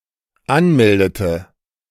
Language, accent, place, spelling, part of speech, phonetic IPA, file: German, Germany, Berlin, anmeldete, verb, [ˈanˌmɛldətə], De-anmeldete.ogg
- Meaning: inflection of anmelden: 1. first/third-person singular dependent preterite 2. first/third-person singular dependent subjunctive II